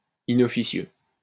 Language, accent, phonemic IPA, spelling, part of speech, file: French, France, /i.nɔ.fi.sjø/, inofficieux, adjective, LL-Q150 (fra)-inofficieux.wav
- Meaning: 1. inofficious 2. depriving an heir of just inheritance